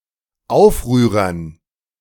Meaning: dative plural of Aufrührer
- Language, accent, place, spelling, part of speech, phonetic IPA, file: German, Germany, Berlin, Aufrührern, noun, [ˈaʊ̯fˌʁyːʁɐn], De-Aufrührern.ogg